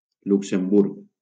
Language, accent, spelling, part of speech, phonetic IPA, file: Catalan, Valencia, Luxemburg, proper noun, [luk.semˈbuɾk], LL-Q7026 (cat)-Luxemburg.wav
- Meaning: 1. Luxembourg (a small country in Western Europe) 2. Luxembourg (a province of Wallonia, Belgium) 3. Luxembourg, Luxembourg City (the capital city of Luxembourg)